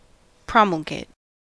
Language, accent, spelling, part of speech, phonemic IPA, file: English, US, promulgate, verb, /ˈpɹɑ.məl.ɡeɪt/, En-us-promulgate.ogg
- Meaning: 1. To make known or make public 2. To put into effect as a regulation 3. To advocate on behalf of (something or someone, especially of an idea); to spread knowledge of and make more widely known